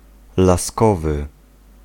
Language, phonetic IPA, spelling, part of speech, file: Polish, [laˈskɔvɨ], laskowy, adjective, Pl-laskowy.ogg